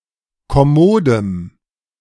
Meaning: strong dative masculine/neuter singular of kommod
- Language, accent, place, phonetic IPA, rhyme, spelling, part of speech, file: German, Germany, Berlin, [kɔˈmoːdəm], -oːdəm, kommodem, adjective, De-kommodem.ogg